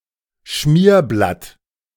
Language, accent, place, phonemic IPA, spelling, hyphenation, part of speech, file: German, Germany, Berlin, /ˈʃmiːɐ̯blat/, Schmierblatt, Schmier‧blatt, noun, De-Schmierblatt.ogg
- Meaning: sheet of scratch paper